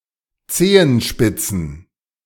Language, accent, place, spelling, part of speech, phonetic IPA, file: German, Germany, Berlin, Zehenspitzen, noun, [ˈt͡seːənˌʃpɪt͡sn̩], De-Zehenspitzen.ogg
- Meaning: plural of Zehenspitze